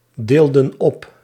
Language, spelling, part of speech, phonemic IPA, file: Dutch, deelden op, verb, /ˈdeldə(n) ˈɔp/, Nl-deelden op.ogg
- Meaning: inflection of opdelen: 1. plural past indicative 2. plural past subjunctive